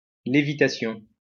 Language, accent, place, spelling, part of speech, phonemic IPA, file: French, France, Lyon, lévitation, noun, /le.vi.ta.sjɔ̃/, LL-Q150 (fra)-lévitation.wav
- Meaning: levitation